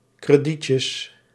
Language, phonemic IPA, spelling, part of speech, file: Dutch, /krəˈdicəs/, kredietjes, noun, Nl-kredietjes.ogg
- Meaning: plural of kredietje